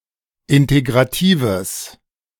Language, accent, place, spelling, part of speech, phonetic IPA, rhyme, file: German, Germany, Berlin, integratives, adjective, [ˌɪnteɡʁaˈtiːvəs], -iːvəs, De-integratives.ogg
- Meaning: strong/mixed nominative/accusative neuter singular of integrativ